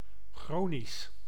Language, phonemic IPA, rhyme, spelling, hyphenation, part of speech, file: Dutch, /ˈxroː.nis/, -oːnis, chronisch, chro‧nisch, adjective, Nl-chronisch.ogg
- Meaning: chronic